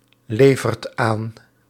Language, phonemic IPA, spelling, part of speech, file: Dutch, /ˈlevərt ˈan/, levert aan, verb, Nl-levert aan.ogg
- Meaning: inflection of aanleveren: 1. second/third-person singular present indicative 2. plural imperative